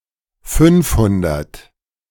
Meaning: five hundred
- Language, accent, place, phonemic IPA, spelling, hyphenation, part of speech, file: German, Germany, Berlin, /ˈfʏnfˌhʊndɐt/, fünfhundert, fünf‧hun‧dert, numeral, De-fünfhundert.ogg